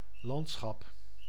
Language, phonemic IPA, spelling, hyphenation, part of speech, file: Dutch, /ˈlɑnt.sxɑp/, landschap, land‧schap, noun, Nl-landschap.ogg
- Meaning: 1. landscape 2. region, territory 3. native political entity